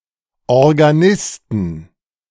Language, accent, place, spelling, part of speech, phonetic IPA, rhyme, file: German, Germany, Berlin, Organisten, noun, [ɔʁɡaˈnɪstn̩], -ɪstn̩, De-Organisten.ogg
- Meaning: inflection of Organist: 1. genitive/dative/accusative singular 2. nominative/genitive/dative/accusative plural